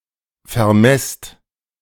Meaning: inflection of vermessen: 1. second-person plural present 2. plural imperative
- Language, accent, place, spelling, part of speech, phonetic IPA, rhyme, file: German, Germany, Berlin, vermesst, verb, [fɛɐ̯ˈmɛst], -ɛst, De-vermesst.ogg